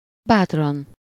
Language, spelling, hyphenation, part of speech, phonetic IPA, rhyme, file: Hungarian, bátran, bát‧ran, adverb, [ˈbaːtrɒn], -ɒn, Hu-bátran.ogg
- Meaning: 1. courageously, bravely 2. safely